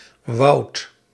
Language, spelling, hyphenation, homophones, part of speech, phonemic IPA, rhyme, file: Dutch, woudt, woudt, woud / Woud / wout, verb, /ʋɑu̯t/, -ɑu̯t, Nl-woudt.ogg
- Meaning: second-person (gij) singular past indicative of willen